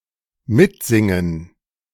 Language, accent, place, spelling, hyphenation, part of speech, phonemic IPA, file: German, Germany, Berlin, mitsingen, mit‧sin‧gen, verb, /ˈmɪtˌzɪŋən/, De-mitsingen.ogg
- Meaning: to sing along